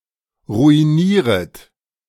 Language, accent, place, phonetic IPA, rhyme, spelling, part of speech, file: German, Germany, Berlin, [ʁuiˈniːʁət], -iːʁət, ruinieret, verb, De-ruinieret.ogg
- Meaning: second-person plural subjunctive I of ruinieren